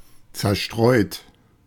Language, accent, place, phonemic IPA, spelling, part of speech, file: German, Germany, Berlin, /t͡sɛɐ̯ˈʃtʁɔɪ̯t/, zerstreut, adjective / verb, De-zerstreut.ogg
- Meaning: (adjective) distracted, absent-minded; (verb) 1. past participle of zerstreuen 2. inflection of zerstreuen: second-person plural present 3. inflection of zerstreuen: third-person singular present